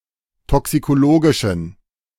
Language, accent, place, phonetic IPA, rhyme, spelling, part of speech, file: German, Germany, Berlin, [ˌtɔksikoˈloːɡɪʃn̩], -oːɡɪʃn̩, toxikologischen, adjective, De-toxikologischen.ogg
- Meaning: inflection of toxikologisch: 1. strong genitive masculine/neuter singular 2. weak/mixed genitive/dative all-gender singular 3. strong/weak/mixed accusative masculine singular 4. strong dative plural